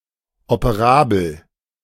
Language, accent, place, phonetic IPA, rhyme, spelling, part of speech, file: German, Germany, Berlin, [opəˈʁaːbl̩], -aːbl̩, operabel, adjective, De-operabel.ogg
- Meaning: operable